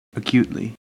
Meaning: In an acute manner
- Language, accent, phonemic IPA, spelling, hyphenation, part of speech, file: English, US, /əˈkjuːtli/, acutely, a‧cute‧ly, adverb, En-us-acutely.ogg